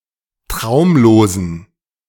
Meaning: inflection of traumlos: 1. strong genitive masculine/neuter singular 2. weak/mixed genitive/dative all-gender singular 3. strong/weak/mixed accusative masculine singular 4. strong dative plural
- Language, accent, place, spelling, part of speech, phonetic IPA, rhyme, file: German, Germany, Berlin, traumlosen, adjective, [ˈtʁaʊ̯mloːzn̩], -aʊ̯mloːzn̩, De-traumlosen.ogg